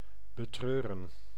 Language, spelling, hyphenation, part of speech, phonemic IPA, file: Dutch, betreuren, be‧treu‧ren, verb, /bəˈtrøːrə(n)/, Nl-betreuren.ogg
- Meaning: to regret, to grieve over